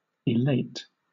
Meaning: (verb) 1. To make joyful or proud 2. To lift up; raise; elevate; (adjective) 1. Elated; exultant 2. Lifted up; raised; elevated
- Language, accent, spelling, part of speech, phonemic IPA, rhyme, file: English, Southern England, elate, verb / adjective, /ɪˈleɪt/, -eɪt, LL-Q1860 (eng)-elate.wav